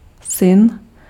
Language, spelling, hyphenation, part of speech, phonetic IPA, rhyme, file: Czech, syn, syn, noun, [ˈsɪn], -ɪn, Cs-syn.ogg
- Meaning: son